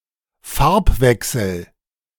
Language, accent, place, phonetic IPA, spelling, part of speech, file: German, Germany, Berlin, [ˈfaʁpˌvɛksl̩], Farbwechsel, noun, De-Farbwechsel.ogg
- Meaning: colour change